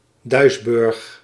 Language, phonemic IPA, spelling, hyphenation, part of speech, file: Dutch, /ˈdœy̯sbʏrx/, Duisburg, Duis‧burg, proper noun, Nl-Duisburg.ogg
- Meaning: Duisburg (a city in North Rhine-Westphalia, Germany)